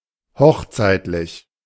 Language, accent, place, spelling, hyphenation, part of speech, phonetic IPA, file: German, Germany, Berlin, hochzeitlich, hoch‧zeit‧lich, adjective, [ˈhɔxˌt͡saɪ̯tlɪç], De-hochzeitlich.ogg
- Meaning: nuptial, bridal